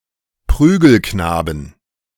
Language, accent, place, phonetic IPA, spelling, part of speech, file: German, Germany, Berlin, [ˈpʁyːɡəlknaːbən], Prügelknaben, noun, De-Prügelknaben.ogg
- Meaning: 1. plural of Prügelknabe 2. genitive singular of Prügelknabe 3. dative singular of Prügelknabe 4. accusative singular of Prügelknabe